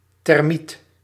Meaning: thermite
- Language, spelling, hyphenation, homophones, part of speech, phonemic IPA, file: Dutch, thermiet, ther‧miet, termiet, noun, /tɛrˈmit/, Nl-thermiet.ogg